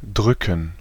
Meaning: 1. to press, to push (a button/key; a finger or other object against something) 2. to push, to press, to exert pressure, to click (with a mouse) 3. to squeeze 4. to hug
- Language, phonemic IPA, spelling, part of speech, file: German, /ˈdʁʏkən/, drücken, verb, De-drücken.ogg